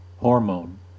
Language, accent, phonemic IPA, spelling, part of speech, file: English, US, /ˈhoɹmoʊn/, hormone, noun / verb, En-us-hormone.ogg
- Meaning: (noun) 1. Any substance produced by one tissue and conveyed by the bloodstream to another to effect physiological activity 2. A synthetic compound with the same activity